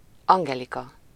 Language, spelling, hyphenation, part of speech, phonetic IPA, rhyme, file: Hungarian, Angelika, An‧ge‧li‧ka, proper noun, [ˈɒŋɡɛlikɒ], -kɒ, Hu-Angelika.ogg
- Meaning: a female given name, equivalent to English Angelica